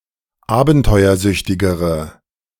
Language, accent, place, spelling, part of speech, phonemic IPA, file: German, Germany, Berlin, abenteuersüchtigere, adjective, /ˈaːbn̩tɔɪ̯ɐˌzʏçtɪɡəʁə/, De-abenteuersüchtigere.ogg
- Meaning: inflection of abenteuersüchtig: 1. strong/mixed nominative/accusative feminine singular comparative degree 2. strong nominative/accusative plural comparative degree